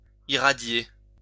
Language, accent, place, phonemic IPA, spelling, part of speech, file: French, France, Lyon, /i.ʁa.dje/, irradier, verb, LL-Q150 (fra)-irradier.wav
- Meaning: to irradiate (sterilyse)